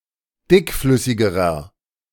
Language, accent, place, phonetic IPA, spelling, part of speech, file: German, Germany, Berlin, [ˈdɪkˌflʏsɪɡəʁɐ], dickflüssigerer, adjective, De-dickflüssigerer.ogg
- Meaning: inflection of dickflüssig: 1. strong/mixed nominative masculine singular comparative degree 2. strong genitive/dative feminine singular comparative degree 3. strong genitive plural comparative degree